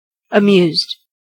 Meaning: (verb) simple past and past participle of amuse; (adjective) 1. Pleasurably entertained 2. Displaying amusement 3. Enjoying humorous aspects of something
- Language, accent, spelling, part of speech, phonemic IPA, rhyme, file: English, US, amused, verb / adjective, /əˈmjuːzd/, -uːzd, En-us-amused.ogg